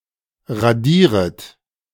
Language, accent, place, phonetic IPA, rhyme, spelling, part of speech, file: German, Germany, Berlin, [ʁaˈdiːʁət], -iːʁət, radieret, verb, De-radieret.ogg
- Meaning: second-person plural subjunctive I of radieren